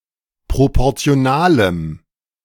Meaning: strong dative masculine/neuter singular of proportional
- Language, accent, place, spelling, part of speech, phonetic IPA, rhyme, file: German, Germany, Berlin, proportionalem, adjective, [ˌpʁopɔʁt͡si̯oˈnaːləm], -aːləm, De-proportionalem.ogg